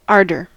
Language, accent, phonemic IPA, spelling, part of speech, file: English, US, /ˈɑːɹdɚ/, ardor, noun, En-us-ardor.ogg
- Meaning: 1. Great warmth of feeling; fervor; passion 2. Spirit; enthusiasm; passion 3. Intense heat